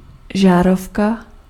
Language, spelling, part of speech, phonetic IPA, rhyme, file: Czech, žárovka, noun, [ˈʒaːrofka], -ofka, Cs-žárovka.ogg
- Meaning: light bulb